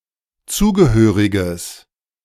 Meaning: strong/mixed nominative/accusative neuter singular of zugehörig
- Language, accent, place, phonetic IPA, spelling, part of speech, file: German, Germany, Berlin, [ˈt͡suːɡəˌhøːʁɪɡəs], zugehöriges, adjective, De-zugehöriges.ogg